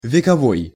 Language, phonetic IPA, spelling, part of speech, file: Russian, [vʲɪkɐˈvoj], вековой, adjective, Ru-вековой.ogg
- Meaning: centuries-old, age-old, ancient